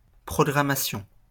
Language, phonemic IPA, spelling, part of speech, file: French, /pʁɔ.ɡʁa.ma.sjɔ̃/, programmation, noun, LL-Q150 (fra)-programmation.wav
- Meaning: programming